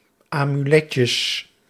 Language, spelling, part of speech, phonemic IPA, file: Dutch, amuletjes, noun, /amyˈlɛcəs/, Nl-amuletjes.ogg
- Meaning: plural of amuletje